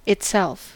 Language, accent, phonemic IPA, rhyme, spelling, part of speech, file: English, US, /ɪtˈsɛlf/, -ɛlf, itself, pronoun, En-us-itself.ogg
- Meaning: 1. it; A thing as the object of a verb or preposition that also appears as the subject 2. it; used to intensify the subject, especially to emphasize that it is the only participant in the predicate